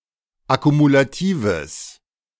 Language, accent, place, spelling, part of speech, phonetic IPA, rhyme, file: German, Germany, Berlin, akkumulatives, adjective, [akumulaˈtiːvəs], -iːvəs, De-akkumulatives.ogg
- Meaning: strong/mixed nominative/accusative neuter singular of akkumulativ